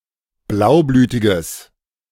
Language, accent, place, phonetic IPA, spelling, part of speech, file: German, Germany, Berlin, [ˈblaʊ̯ˌblyːtɪɡəs], blaublütiges, adjective, De-blaublütiges.ogg
- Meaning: strong/mixed nominative/accusative neuter singular of blaublütig